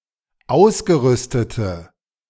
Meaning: inflection of ausgerüstet: 1. strong/mixed nominative/accusative feminine singular 2. strong nominative/accusative plural 3. weak nominative all-gender singular
- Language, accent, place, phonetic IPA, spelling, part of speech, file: German, Germany, Berlin, [ˈaʊ̯sɡəˌʁʏstətə], ausgerüstete, adjective, De-ausgerüstete.ogg